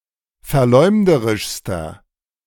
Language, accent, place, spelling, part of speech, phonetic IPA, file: German, Germany, Berlin, verleumderischster, adjective, [fɛɐ̯ˈlɔɪ̯mdəʁɪʃstɐ], De-verleumderischster.ogg
- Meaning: inflection of verleumderisch: 1. strong/mixed nominative masculine singular superlative degree 2. strong genitive/dative feminine singular superlative degree